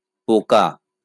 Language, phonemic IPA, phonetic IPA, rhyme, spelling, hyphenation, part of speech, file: Bengali, /po.ka/, [ˈpo.ka], -oka, পোকা, পো‧কা, noun, LL-Q9610 (ben)-পোকা.wav
- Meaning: insect, bug